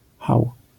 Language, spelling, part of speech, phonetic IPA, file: Polish, hau, interjection, [xaw], LL-Q809 (pol)-hau.wav